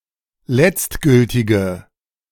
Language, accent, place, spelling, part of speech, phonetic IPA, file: German, Germany, Berlin, letztgültige, adjective, [ˈlɛt͡stˌɡʏltɪɡə], De-letztgültige.ogg
- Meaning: inflection of letztgültig: 1. strong/mixed nominative/accusative feminine singular 2. strong nominative/accusative plural 3. weak nominative all-gender singular